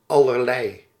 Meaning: 1. all kinds of 2. various
- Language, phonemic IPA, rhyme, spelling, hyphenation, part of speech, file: Dutch, /ˌɑ.lərˈlɛi̯/, -ɛi̯, allerlei, al‧ler‧lei, determiner, Nl-allerlei.ogg